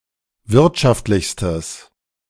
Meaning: strong/mixed nominative/accusative neuter singular superlative degree of wirtschaftlich
- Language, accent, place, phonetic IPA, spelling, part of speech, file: German, Germany, Berlin, [ˈvɪʁtʃaftlɪçstəs], wirtschaftlichstes, adjective, De-wirtschaftlichstes.ogg